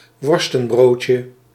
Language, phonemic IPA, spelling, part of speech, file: Dutch, /ˈwɔrstə(n)ˌbrotjə/, worstenbroodje, noun, Nl-worstenbroodje.ogg
- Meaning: diminutive of worstenbrood